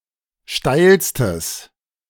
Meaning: strong/mixed nominative/accusative neuter singular superlative degree of steil
- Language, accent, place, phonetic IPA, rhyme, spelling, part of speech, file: German, Germany, Berlin, [ˈʃtaɪ̯lstəs], -aɪ̯lstəs, steilstes, adjective, De-steilstes.ogg